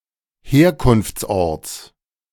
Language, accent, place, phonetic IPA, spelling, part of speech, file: German, Germany, Berlin, [ˈheːɐ̯kʊnft͡sˌʔɔʁt͡s], Herkunftsorts, noun, De-Herkunftsorts.ogg
- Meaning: genitive singular of Herkunftsort